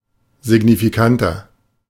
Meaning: 1. comparative degree of signifikant 2. inflection of signifikant: strong/mixed nominative masculine singular 3. inflection of signifikant: strong genitive/dative feminine singular
- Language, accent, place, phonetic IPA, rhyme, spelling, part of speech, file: German, Germany, Berlin, [zɪɡnifiˈkantɐ], -antɐ, signifikanter, adjective, De-signifikanter.ogg